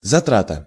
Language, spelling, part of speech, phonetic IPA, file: Russian, затрата, noun, [zɐˈtratə], Ru-затрата.ogg
- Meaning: 1. expenditure 2. cost